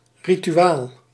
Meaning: an instruction text for performing rituals, a liturgy book
- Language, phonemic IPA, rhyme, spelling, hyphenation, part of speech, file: Dutch, /ˌri.tyˈaːl/, -aːl, rituaal, ri‧tu‧aal, noun, Nl-rituaal.ogg